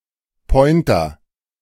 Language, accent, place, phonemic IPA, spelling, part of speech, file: German, Germany, Berlin, /ˈpɔɪ̯ntɐ/, Pointer, noun, De-Pointer.ogg
- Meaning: 1. pointer (dog) 2. pointer, cursor 3. pointer 4. clipping of Laserpointer